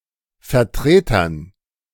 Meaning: dative plural of Vertreter
- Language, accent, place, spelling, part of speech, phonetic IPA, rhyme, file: German, Germany, Berlin, Vertretern, noun, [fɛɐ̯ˈtʁeːtɐn], -eːtɐn, De-Vertretern.ogg